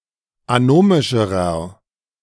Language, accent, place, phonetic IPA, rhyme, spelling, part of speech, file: German, Germany, Berlin, [aˈnoːmɪʃəʁɐ], -oːmɪʃəʁɐ, anomischerer, adjective, De-anomischerer.ogg
- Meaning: inflection of anomisch: 1. strong/mixed nominative masculine singular comparative degree 2. strong genitive/dative feminine singular comparative degree 3. strong genitive plural comparative degree